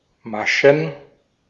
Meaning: plural of Masche
- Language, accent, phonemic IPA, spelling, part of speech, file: German, Austria, /ˈmaʃn̩/, Maschen, noun, De-at-Maschen.ogg